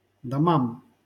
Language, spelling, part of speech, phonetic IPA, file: Russian, домам, noun, [dɐˈmam], LL-Q7737 (rus)-домам.wav
- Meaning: dative plural of дом (dom)